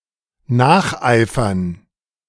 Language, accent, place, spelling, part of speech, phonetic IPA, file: German, Germany, Berlin, nacheifern, verb, [ˈnaːχʔaɪ̯fɐn], De-nacheifern.ogg
- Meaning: to emulate